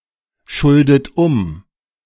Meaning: inflection of umschulden: 1. second-person plural present 2. second-person plural subjunctive I 3. third-person singular present 4. plural imperative
- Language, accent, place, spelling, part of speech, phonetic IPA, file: German, Germany, Berlin, schuldet um, verb, [ˌʃʊldət ˈʊm], De-schuldet um.ogg